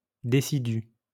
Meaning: deciduous
- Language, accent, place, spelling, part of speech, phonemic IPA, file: French, France, Lyon, décidu, adjective, /de.si.dy/, LL-Q150 (fra)-décidu.wav